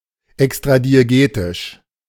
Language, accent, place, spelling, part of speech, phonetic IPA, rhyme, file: German, Germany, Berlin, extradiegetisch, adjective, [ɛkstʁadieˈɡeːtɪʃ], -eːtɪʃ, De-extradiegetisch.ogg
- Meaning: extradiegetic